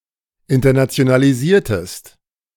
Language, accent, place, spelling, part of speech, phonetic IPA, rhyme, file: German, Germany, Berlin, internationalisiertest, verb, [ɪntɐnat͡si̯onaliˈziːɐ̯təst], -iːɐ̯təst, De-internationalisiertest.ogg
- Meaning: inflection of internationalisieren: 1. second-person singular preterite 2. second-person singular subjunctive II